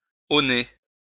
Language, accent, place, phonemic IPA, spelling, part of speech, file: French, France, Lyon, /o.ne/, auner, verb, LL-Q150 (fra)-auner.wav
- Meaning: to measure in ells